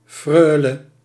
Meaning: an unmarried noblewoman
- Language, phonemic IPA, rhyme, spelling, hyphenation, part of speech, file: Dutch, /ˈfrœːlə/, -œːlə, freule, freu‧le, noun, Nl-freule.ogg